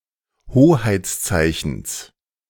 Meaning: genitive of Hoheitszeichen
- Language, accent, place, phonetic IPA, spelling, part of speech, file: German, Germany, Berlin, [ˈhoːhaɪ̯t͡sˌt͡saɪ̯çn̩s], Hoheitszeichens, noun, De-Hoheitszeichens.ogg